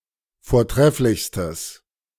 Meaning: strong/mixed nominative/accusative neuter singular superlative degree of vortrefflich
- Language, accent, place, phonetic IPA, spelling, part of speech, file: German, Germany, Berlin, [foːɐ̯ˈtʁɛflɪçstəs], vortrefflichstes, adjective, De-vortrefflichstes.ogg